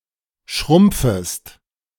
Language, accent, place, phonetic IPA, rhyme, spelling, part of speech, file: German, Germany, Berlin, [ˈʃʁʊmp͡fəst], -ʊmp͡fəst, schrumpfest, verb, De-schrumpfest.ogg
- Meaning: second-person singular subjunctive I of schrumpfen